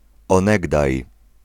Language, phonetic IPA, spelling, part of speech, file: Polish, [ɔ̃ˈnɛɡdaj], onegdaj, adverb, Pl-onegdaj.ogg